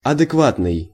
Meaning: 1. corresponding to norm, acceptable, normal, proper, appropriate, reasonable, sane, rational, having common sense 2. adequate, exact (accurately corresponding to something)
- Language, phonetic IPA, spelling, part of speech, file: Russian, [ɐdɨkˈvatnɨj], адекватный, adjective, Ru-адекватный.ogg